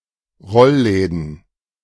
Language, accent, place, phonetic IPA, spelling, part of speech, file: German, Germany, Berlin, [ˈʁɔlˌlɛːdn̩], Rollläden, noun, De-Rollläden.ogg
- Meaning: plural of Rollladen